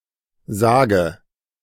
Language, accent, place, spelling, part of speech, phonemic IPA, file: German, Germany, Berlin, sage, verb, /ˈzaːɡə/, De-sage.ogg
- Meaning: inflection of sagen: 1. first-person singular present 2. first/third-person singular subjunctive I 3. singular imperative